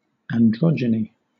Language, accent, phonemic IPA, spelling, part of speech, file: English, Southern England, /ænˈdɹɒdʒəni/, androgyny, noun, LL-Q1860 (eng)-androgyny.wav
- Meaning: 1. Hermaphroditism 2. The state of having traits of both male and female genders 3. The state of appearing to be neither feminine nor masculine